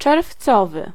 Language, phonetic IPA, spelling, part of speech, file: Polish, [t͡ʃɛrfˈt͡sɔvɨ], czerwcowy, adjective, Pl-czerwcowy.ogg